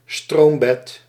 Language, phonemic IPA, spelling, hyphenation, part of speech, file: Dutch, /ˈstroːm.bɛt/, stroombed, stroom‧bed, noun, Nl-stroombed.ogg
- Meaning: bed of a stream